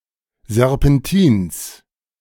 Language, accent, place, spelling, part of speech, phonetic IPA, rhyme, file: German, Germany, Berlin, Serpentins, noun, [zɛʁpɛnˈtiːns], -iːns, De-Serpentins.ogg
- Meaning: genitive singular of Serpentin